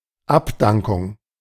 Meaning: 1. resignation 2. dismissal 3. memorial service
- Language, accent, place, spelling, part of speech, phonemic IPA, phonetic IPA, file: German, Germany, Berlin, Abdankung, noun, /ˈapˌdaŋkʊŋ/, [ˈʔapˌdaŋkʊŋ], De-Abdankung.ogg